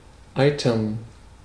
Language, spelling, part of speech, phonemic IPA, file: German, eitern, verb, /ˈai̯tɐn/, De-eitern.ogg
- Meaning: to suppurate (form or discharge pus)